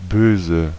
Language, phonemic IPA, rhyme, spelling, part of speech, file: German, /ˈbøːzə/, -øːzə, böse, adjective / adverb, De-böse.ogg
- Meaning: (adjective) 1. evil; malicious; wicked 2. bad; naughty 3. mean, dark (of jokes, satire, tricks, etc.) 4. angry; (adverb) nastily, evilly